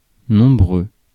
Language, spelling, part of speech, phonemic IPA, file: French, nombreux, adjective, /nɔ̃.bʁø/, Fr-nombreux.ogg
- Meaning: numerous, many